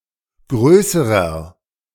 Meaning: inflection of groß: 1. strong/mixed nominative masculine singular comparative degree 2. strong genitive/dative feminine singular comparative degree 3. strong genitive plural comparative degree
- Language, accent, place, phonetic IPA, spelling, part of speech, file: German, Germany, Berlin, [ˈɡʁøːsəʁɐ], größerer, adjective, De-größerer.ogg